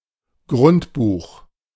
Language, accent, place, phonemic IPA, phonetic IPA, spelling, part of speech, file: German, Germany, Berlin, /ˈɡʁʊntˌbuːx/, [ˈɡʁʊntˌbuːχ], Grundbuch, noun, De-Grundbuch.ogg
- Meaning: 1. property register, land register, cadastre, cadaster (property register) 2. daybook, journal